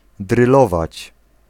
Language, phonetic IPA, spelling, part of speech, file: Polish, [drɨˈlɔvat͡ɕ], drylować, verb, Pl-drylować.ogg